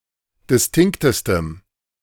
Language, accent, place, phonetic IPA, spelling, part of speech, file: German, Germany, Berlin, [dɪsˈtɪŋktəstəm], distinktestem, adjective, De-distinktestem.ogg
- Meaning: strong dative masculine/neuter singular superlative degree of distinkt